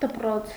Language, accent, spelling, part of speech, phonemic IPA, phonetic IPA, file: Armenian, Eastern Armenian, դպրոց, noun, /dəpˈɾot͡sʰ/, [dəpɾót͡sʰ], Hy-դպրոց.ogg
- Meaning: school